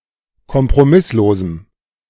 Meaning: strong dative masculine/neuter singular of kompromisslos
- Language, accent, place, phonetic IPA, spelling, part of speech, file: German, Germany, Berlin, [kɔmpʁoˈmɪsloːzm̩], kompromisslosem, adjective, De-kompromisslosem.ogg